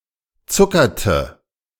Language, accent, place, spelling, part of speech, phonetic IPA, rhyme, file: German, Germany, Berlin, zuckerte, verb, [ˈt͡sʊkɐtə], -ʊkɐtə, De-zuckerte.ogg
- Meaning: inflection of zuckern: 1. first/third-person singular preterite 2. first/third-person singular subjunctive II